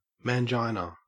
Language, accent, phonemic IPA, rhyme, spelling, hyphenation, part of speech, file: English, Australia, /mænˈd͡ʒaɪnə/, -aɪnə, mangina, man‧gi‧na, noun, En-au-mangina.ogg
- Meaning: 1. A sensitive, cowardly or effeminate man 2. A man who holds feminist beliefs 3. The genitalia of a man tucked between the legs, often as a prank